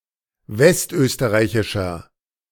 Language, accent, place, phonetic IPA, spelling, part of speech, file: German, Germany, Berlin, [ˈvɛstˌʔøːstəʁaɪ̯çɪʃɐ], westösterreichischer, adjective, De-westösterreichischer.ogg
- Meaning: inflection of westösterreichisch: 1. strong/mixed nominative masculine singular 2. strong genitive/dative feminine singular 3. strong genitive plural